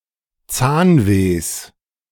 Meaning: genitive singular of Zahnweh
- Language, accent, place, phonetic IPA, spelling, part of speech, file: German, Germany, Berlin, [ˈt͡saːnˌveːs], Zahnwehs, noun, De-Zahnwehs.ogg